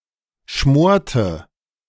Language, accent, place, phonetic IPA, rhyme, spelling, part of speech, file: German, Germany, Berlin, [ˈʃmoːɐ̯tə], -oːɐ̯tə, schmorte, verb, De-schmorte.ogg
- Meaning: inflection of schmoren: 1. first/third-person singular preterite 2. first/third-person singular subjunctive II